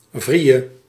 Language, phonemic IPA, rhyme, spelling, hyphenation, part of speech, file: Dutch, /ˈvri.jə/, -ijə, vrille, vril‧le, noun, Nl-vrille.ogg
- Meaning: tailspin